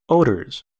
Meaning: plural of odor
- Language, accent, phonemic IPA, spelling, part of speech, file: English, US, /ˈoʊ.dɚz/, odors, noun, En-us-odors.ogg